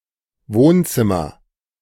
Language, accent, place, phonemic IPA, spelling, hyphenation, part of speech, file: German, Germany, Berlin, /ˈvoːnˌt͡sɪmɐ/, Wohnzimmer, Wohn‧zim‧mer, noun, De-Wohnzimmer.ogg
- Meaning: living room